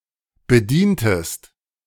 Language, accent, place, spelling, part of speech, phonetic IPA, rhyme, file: German, Germany, Berlin, bedientest, verb, [bəˈdiːntəst], -iːntəst, De-bedientest.ogg
- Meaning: inflection of bedienen: 1. second-person singular preterite 2. second-person singular subjunctive II